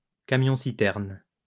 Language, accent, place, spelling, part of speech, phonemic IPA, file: French, France, Lyon, camion-citerne, noun, /ka.mjɔ̃.si.tɛʁn/, LL-Q150 (fra)-camion-citerne.wav
- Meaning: tanker, tank truck